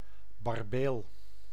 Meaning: 1. barbel (Barbus barbus) 2. some not closely related marine basses (perch) of genus Mullus, including the 'bearded' species Mullus barbatus
- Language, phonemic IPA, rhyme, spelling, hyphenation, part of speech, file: Dutch, /bɑrˈbeːl/, -eːl, barbeel, bar‧beel, noun, Nl-barbeel.ogg